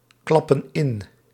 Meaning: inflection of inklappen: 1. plural present indicative 2. plural present subjunctive
- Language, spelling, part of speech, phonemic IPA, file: Dutch, klappen in, verb, /ˈklɑpə(n) ˈɪn/, Nl-klappen in.ogg